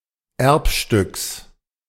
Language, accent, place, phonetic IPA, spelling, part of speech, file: German, Germany, Berlin, [ˈɛʁpʃtʏks], Erbstücks, noun, De-Erbstücks.ogg
- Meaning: genitive singular of Erbstück